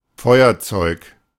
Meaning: 1. tinderbox 2. lighter
- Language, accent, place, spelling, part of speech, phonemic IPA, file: German, Germany, Berlin, Feuerzeug, noun, /ˈfɔɪ̯ɐˌt͡sɔɪ̯k/, De-Feuerzeug.ogg